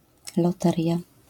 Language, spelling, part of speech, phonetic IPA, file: Polish, loteria, noun, [lɔˈtɛrʲja], LL-Q809 (pol)-loteria.wav